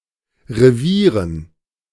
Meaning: dative plural of Revier
- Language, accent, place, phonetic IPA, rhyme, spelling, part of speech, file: German, Germany, Berlin, [ʁeˈviːʁən], -iːʁən, Revieren, noun, De-Revieren.ogg